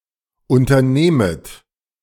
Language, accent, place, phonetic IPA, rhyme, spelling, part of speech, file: German, Germany, Berlin, [ˌʔʊntɐˈneːmət], -eːmət, unternehmet, verb, De-unternehmet.ogg
- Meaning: second-person plural subjunctive I of unternehmen